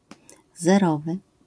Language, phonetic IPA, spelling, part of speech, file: Polish, [zɛˈrɔvɨ], zerowy, adjective, LL-Q809 (pol)-zerowy.wav